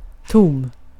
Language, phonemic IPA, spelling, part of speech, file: Swedish, /tuːm/, tom, adjective, Sv-tom.ogg
- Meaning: empty